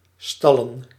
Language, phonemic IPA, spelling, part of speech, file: Dutch, /ˈstɑlə(n)/, stallen, verb / noun, Nl-stallen.ogg
- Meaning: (verb) 1. to put an animal in a stable 2. to park (any human-powered vehicle, such as a bicycle) 3. to put aside, lodge, retire 4. to piss; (noun) plural of stal